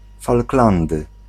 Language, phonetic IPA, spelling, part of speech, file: Polish, [falkˈlãndɨ], Falklandy, proper noun / noun, Pl-Falklandy.ogg